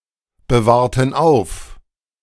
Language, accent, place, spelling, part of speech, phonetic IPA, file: German, Germany, Berlin, bewahrten auf, verb, [bəˌvaːɐ̯tn̩ ˈaʊ̯f], De-bewahrten auf.ogg
- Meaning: inflection of aufbewahren: 1. first/third-person plural preterite 2. first/third-person plural subjunctive II